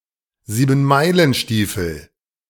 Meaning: a seven-league boot (one of a pair of boots enabling the wearer to cross seven leagues at one stride)
- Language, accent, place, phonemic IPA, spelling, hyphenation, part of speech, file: German, Germany, Berlin, /ziːbənˈmaɪ̯lənˌʃtiːfəl/, Siebenmeilenstiefel, Sie‧ben‧mei‧len‧stie‧fel, noun, De-Siebenmeilenstiefel.ogg